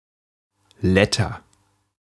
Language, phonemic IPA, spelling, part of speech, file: German, /ˈlɛtɐ/, Letter, noun, De-Letter.ogg
- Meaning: 1. letter (character) 2. type 3. large or decorated letter as used for book covers, headlines, signs, and inscriptions